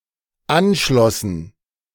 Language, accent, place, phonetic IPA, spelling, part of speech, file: German, Germany, Berlin, [ˈanˌʃlɔsn̩], anschlossen, verb, De-anschlossen.ogg
- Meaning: first/third-person plural dependent preterite of anschließen